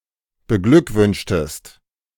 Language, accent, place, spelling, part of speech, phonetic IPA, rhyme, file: German, Germany, Berlin, beglückwünschtest, verb, [bəˈɡlʏkˌvʏnʃtəst], -ʏkvʏnʃtəst, De-beglückwünschtest.ogg
- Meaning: inflection of beglückwünschen: 1. second-person singular preterite 2. second-person singular subjunctive II